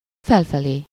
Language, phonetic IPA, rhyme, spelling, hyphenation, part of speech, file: Hungarian, [ˈfɛlfɛleː], -leː, felfelé, fel‧fe‧lé, adverb, Hu-felfelé.ogg
- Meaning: upwards